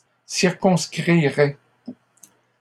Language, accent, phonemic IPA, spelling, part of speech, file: French, Canada, /siʁ.kɔ̃s.kʁi.ʁɛ/, circonscrirais, verb, LL-Q150 (fra)-circonscrirais.wav
- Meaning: first/second-person singular conditional of circonscrire